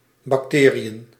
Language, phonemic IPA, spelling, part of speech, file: Dutch, /bɑkˈteːriən/, bacteriën, noun, Nl-bacteriën.ogg
- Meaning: plural of bacterie